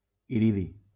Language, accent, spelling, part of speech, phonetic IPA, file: Catalan, Valencia, iridi, noun, [iˈɾi.ði], LL-Q7026 (cat)-iridi.wav
- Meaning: iridium